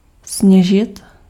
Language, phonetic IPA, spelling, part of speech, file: Czech, [ˈsɲɛʒɪt], sněžit, verb, Cs-sněžit.ogg
- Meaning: 1. to snow 2. to use cocaine